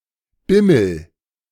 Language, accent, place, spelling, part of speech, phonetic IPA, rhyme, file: German, Germany, Berlin, bimmel, verb, [ˈbɪml̩], -ɪml̩, De-bimmel.ogg
- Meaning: inflection of bimmeln: 1. first-person singular present 2. singular imperative